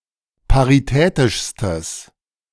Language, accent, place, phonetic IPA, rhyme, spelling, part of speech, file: German, Germany, Berlin, [paʁiˈtɛːtɪʃstəs], -ɛːtɪʃstəs, paritätischstes, adjective, De-paritätischstes.ogg
- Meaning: strong/mixed nominative/accusative neuter singular superlative degree of paritätisch